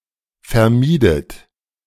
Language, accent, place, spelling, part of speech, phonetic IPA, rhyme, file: German, Germany, Berlin, vermiedet, verb, [fɛɐ̯ˈmiːdət], -iːdət, De-vermiedet.ogg
- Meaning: inflection of vermeiden: 1. second-person plural preterite 2. second-person plural subjunctive II